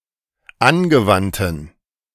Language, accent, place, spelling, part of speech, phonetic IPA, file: German, Germany, Berlin, angewandten, adjective, [ˈanɡəˌvantn̩], De-angewandten.ogg
- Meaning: inflection of angewandt: 1. strong genitive masculine/neuter singular 2. weak/mixed genitive/dative all-gender singular 3. strong/weak/mixed accusative masculine singular 4. strong dative plural